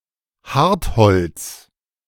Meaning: high-density wood, many types of hardwood (Woods with a density of more than 0.55 g/cm³; e.g. beech, oak, ash)
- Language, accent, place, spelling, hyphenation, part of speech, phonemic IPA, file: German, Germany, Berlin, Hartholz, Hart‧holz, noun, /ˈhaʁtˌhɔlt͡s/, De-Hartholz.ogg